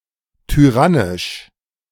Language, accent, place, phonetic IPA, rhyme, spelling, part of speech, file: German, Germany, Berlin, [tyˈʁanɪʃ], -anɪʃ, tyrannisch, adjective, De-tyrannisch.ogg
- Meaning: tyrannical